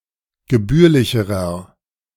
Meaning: inflection of gebührlich: 1. strong/mixed nominative masculine singular comparative degree 2. strong genitive/dative feminine singular comparative degree 3. strong genitive plural comparative degree
- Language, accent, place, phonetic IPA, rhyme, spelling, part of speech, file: German, Germany, Berlin, [ɡəˈbyːɐ̯lɪçəʁɐ], -yːɐ̯lɪçəʁɐ, gebührlicherer, adjective, De-gebührlicherer.ogg